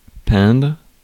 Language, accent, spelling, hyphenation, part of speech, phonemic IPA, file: French, France, peindre, peindre, verb, /pɛ̃dʁ/, Fr-peindre.ogg
- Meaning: to paint